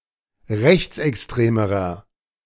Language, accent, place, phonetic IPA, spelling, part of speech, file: German, Germany, Berlin, [ˈʁɛçt͡sʔɛksˌtʁeːməʁɐ], rechtsextremerer, adjective, De-rechtsextremerer.ogg
- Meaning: inflection of rechtsextrem: 1. strong/mixed nominative masculine singular comparative degree 2. strong genitive/dative feminine singular comparative degree 3. strong genitive plural comparative degree